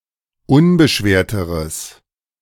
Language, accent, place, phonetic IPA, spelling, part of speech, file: German, Germany, Berlin, [ˈʊnbəˌʃveːɐ̯təʁəs], unbeschwerteres, adjective, De-unbeschwerteres.ogg
- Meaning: strong/mixed nominative/accusative neuter singular comparative degree of unbeschwert